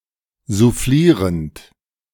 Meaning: present participle of soufflieren
- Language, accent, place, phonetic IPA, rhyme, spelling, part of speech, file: German, Germany, Berlin, [zuˈfliːʁənt], -iːʁənt, soufflierend, verb, De-soufflierend.ogg